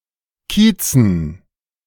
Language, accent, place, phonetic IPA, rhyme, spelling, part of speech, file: German, Germany, Berlin, [ˈkiːt͡sn̩], -iːt͡sn̩, Kiezen, noun, De-Kiezen.ogg
- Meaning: dative plural of Kiez